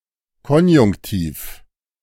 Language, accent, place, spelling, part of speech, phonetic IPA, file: German, Germany, Berlin, Konjunktiv, noun, [ˈkɔnjʊŋktiːf], De-Konjunktiv.ogg
- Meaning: subjunctive mood; conjunctive mode